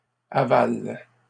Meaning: inflection of avaler: 1. first/third-person singular present indicative/subjunctive 2. second-person singular imperative
- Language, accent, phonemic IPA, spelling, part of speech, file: French, Canada, /a.val/, avale, verb, LL-Q150 (fra)-avale.wav